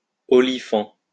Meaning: olifant (ivory horn)
- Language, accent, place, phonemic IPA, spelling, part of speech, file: French, France, Lyon, /ɔ.li.fɑ̃/, olifant, noun, LL-Q150 (fra)-olifant.wav